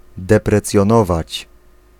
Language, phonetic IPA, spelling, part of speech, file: Polish, [ˌdɛprɛt͡sʲjɔ̃ˈnɔvat͡ɕ], deprecjonować, verb, Pl-deprecjonować.ogg